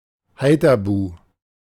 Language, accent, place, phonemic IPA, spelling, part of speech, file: German, Germany, Berlin, /ˈhaɪ̯.ta.bu/, Haithabu, proper noun, De-Haithabu.ogg
- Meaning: Hedeby